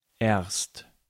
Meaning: 1. first, at first 2. only (with progress, accomplishments or the present time) 3. not until, not for, not before (with reference to a point or period of time in the future)
- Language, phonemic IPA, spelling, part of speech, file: German, /eːrst/, erst, adverb, De-erst.ogg